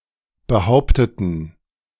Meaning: inflection of behauptet: 1. strong genitive masculine/neuter singular 2. weak/mixed genitive/dative all-gender singular 3. strong/weak/mixed accusative masculine singular 4. strong dative plural
- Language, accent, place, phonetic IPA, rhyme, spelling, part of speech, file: German, Germany, Berlin, [bəˈhaʊ̯ptətn̩], -aʊ̯ptətn̩, behaupteten, adjective / verb, De-behaupteten.ogg